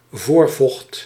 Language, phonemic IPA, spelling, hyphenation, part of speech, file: Dutch, /ˈvoːr.vɔxt/, voorvocht, voor‧vocht, noun, Nl-voorvocht.ogg
- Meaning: pre-ejaculate, Cowper's fluid